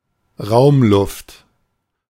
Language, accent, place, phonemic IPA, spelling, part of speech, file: German, Germany, Berlin, /ˈʁaʊ̯mˌlʊft/, Raumluft, noun, De-Raumluft.ogg
- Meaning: indoor air